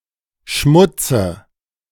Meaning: dative of Schmutz
- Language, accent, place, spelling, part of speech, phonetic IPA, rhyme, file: German, Germany, Berlin, Schmutze, noun, [ˈʃmʊt͡sə], -ʊt͡sə, De-Schmutze.ogg